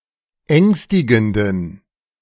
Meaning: inflection of ängstigend: 1. strong genitive masculine/neuter singular 2. weak/mixed genitive/dative all-gender singular 3. strong/weak/mixed accusative masculine singular 4. strong dative plural
- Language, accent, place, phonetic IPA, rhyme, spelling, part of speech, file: German, Germany, Berlin, [ˈɛŋstɪɡn̩dən], -ɛŋstɪɡn̩dən, ängstigenden, adjective, De-ängstigenden.ogg